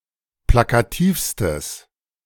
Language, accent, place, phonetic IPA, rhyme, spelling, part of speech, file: German, Germany, Berlin, [ˌplakaˈtiːfstəs], -iːfstəs, plakativstes, adjective, De-plakativstes.ogg
- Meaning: strong/mixed nominative/accusative neuter singular superlative degree of plakativ